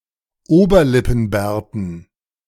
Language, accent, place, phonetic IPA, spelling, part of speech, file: German, Germany, Berlin, [ˈoːbɐlɪpn̩ˌbɛːɐ̯tn̩], Oberlippenbärten, noun, De-Oberlippenbärten.ogg
- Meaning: dative plural of Oberlippenbart